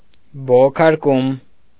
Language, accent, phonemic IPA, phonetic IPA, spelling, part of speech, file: Armenian, Eastern Armenian, /boʁokʰɑɾˈkum/, [boʁokʰɑɾkúm], բողոքարկում, noun, Hy-բողոքարկում.ogg
- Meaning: appeal